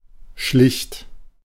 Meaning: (adjective) plain, simple, artless, natural; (verb) second-person plural preterite of schleichen
- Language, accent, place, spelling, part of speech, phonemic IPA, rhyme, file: German, Germany, Berlin, schlicht, adjective / verb, /ʃlɪçt/, -ɪçt, De-schlicht.ogg